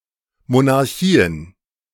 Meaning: plural of Monarchie
- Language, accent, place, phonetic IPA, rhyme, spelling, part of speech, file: German, Germany, Berlin, [monaʁˈçiːən], -iːən, Monarchien, noun, De-Monarchien.ogg